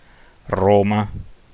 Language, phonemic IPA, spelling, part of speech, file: Italian, /ˈroma/, Roma, proper noun, It-Roma.ogg